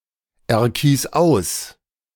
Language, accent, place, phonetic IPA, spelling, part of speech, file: German, Germany, Berlin, [ɛɐ̯ˌkiːs ˈaʊ̯s], erkies aus, verb, De-erkies aus.ogg
- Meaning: singular imperative of auserkiesen